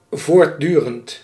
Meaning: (adjective) continuous, incessant; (adverb) continuously, incessantly, all the time
- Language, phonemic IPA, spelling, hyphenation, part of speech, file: Dutch, /voːrˈdy.rə(n)t/, voortdurend, voort‧du‧rend, adjective / adverb, Nl-voortdurend.ogg